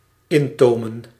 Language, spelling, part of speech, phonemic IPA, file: Dutch, intomen, verb, /ˈɪntomə(n)/, Nl-intomen.ogg
- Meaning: to curb